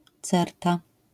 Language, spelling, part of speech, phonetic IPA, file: Polish, certa, noun, [ˈt͡sɛrta], LL-Q809 (pol)-certa.wav